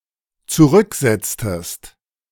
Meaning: inflection of zurücksetzen: 1. second-person singular dependent preterite 2. second-person singular dependent subjunctive II
- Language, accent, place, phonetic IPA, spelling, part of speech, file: German, Germany, Berlin, [t͡suˈʁʏkˌzɛt͡stəst], zurücksetztest, verb, De-zurücksetztest.ogg